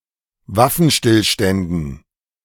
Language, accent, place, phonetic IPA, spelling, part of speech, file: German, Germany, Berlin, [ˈvafn̩ˌʃtɪlʃtɛndn̩], Waffenstillständen, noun, De-Waffenstillständen.ogg
- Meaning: dative plural of Waffenstillstand